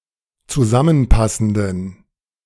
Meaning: inflection of zusammenpassend: 1. strong genitive masculine/neuter singular 2. weak/mixed genitive/dative all-gender singular 3. strong/weak/mixed accusative masculine singular 4. strong dative plural
- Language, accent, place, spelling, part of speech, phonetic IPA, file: German, Germany, Berlin, zusammenpassenden, adjective, [t͡suˈzamənˌpasn̩dən], De-zusammenpassenden.ogg